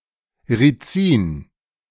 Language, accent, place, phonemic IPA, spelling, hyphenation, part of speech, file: German, Germany, Berlin, /riˈtsiːn/, Rizin, Ri‧zin, noun, De-Rizin.ogg
- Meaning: ricin (poisonous substance)